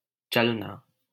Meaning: to go, to move: 1. to walk, stroll 2. to come 3. to leave, depart, set out 4. to be moved or played (in games) 5. to follow rules, sect, ideology
- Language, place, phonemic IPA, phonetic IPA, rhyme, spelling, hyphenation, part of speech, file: Hindi, Delhi, /t͡ʃəl.nɑː/, [t͡ʃɐl.näː], -əlnɑː, चलना, चल‧ना, verb, LL-Q1568 (hin)-चलना.wav